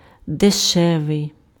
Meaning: cheap
- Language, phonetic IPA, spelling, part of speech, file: Ukrainian, [deˈʃɛʋei̯], дешевий, adjective, Uk-дешевий.ogg